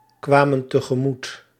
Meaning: inflection of tegemoetkomen: 1. plural past indicative 2. plural past subjunctive
- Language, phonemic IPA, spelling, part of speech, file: Dutch, /ˈkwamə(n) təɣəˈmut/, kwamen tegemoet, verb, Nl-kwamen tegemoet.ogg